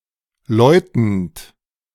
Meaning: present participle of läuten
- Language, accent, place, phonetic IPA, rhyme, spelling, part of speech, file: German, Germany, Berlin, [ˈlɔɪ̯tn̩t], -ɔɪ̯tn̩t, läutend, verb, De-läutend.ogg